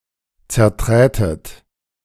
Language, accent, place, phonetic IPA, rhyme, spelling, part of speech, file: German, Germany, Berlin, [t͡sɛɐ̯ˈtʁɛːtət], -ɛːtət, zerträtet, verb, De-zerträtet.ogg
- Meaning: second-person plural subjunctive II of zertreten